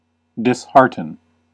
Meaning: To discourage someone by removing their enthusiasm or courage
- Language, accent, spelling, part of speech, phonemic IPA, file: English, US, dishearten, verb, /dɪsˈhɑɹ.tən/, En-us-dishearten.ogg